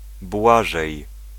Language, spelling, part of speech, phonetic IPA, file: Polish, Błażej, proper noun, [ˈbwaʒɛj], Pl-Błażej.ogg